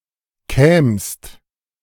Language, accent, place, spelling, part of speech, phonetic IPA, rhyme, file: German, Germany, Berlin, kämst, verb, [kɛːmst], -ɛːmst, De-kämst.ogg
- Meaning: second-person singular subjunctive II of kommen